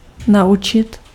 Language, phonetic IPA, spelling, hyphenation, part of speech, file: Czech, [ˈnau̯t͡ʃɪt], naučit, na‧učit, verb, Cs-naučit.ogg
- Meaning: 1. to teach 2. to learn